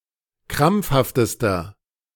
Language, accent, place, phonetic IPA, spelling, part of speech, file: German, Germany, Berlin, [ˈkʁamp͡fhaftəstɐ], krampfhaftester, adjective, De-krampfhaftester.ogg
- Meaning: inflection of krampfhaft: 1. strong/mixed nominative masculine singular superlative degree 2. strong genitive/dative feminine singular superlative degree 3. strong genitive plural superlative degree